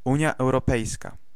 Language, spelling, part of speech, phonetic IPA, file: Polish, Unia Europejska, proper noun, [ˈũɲja ˌɛwrɔˈpɛjska], Pl-Unia Europejska.ogg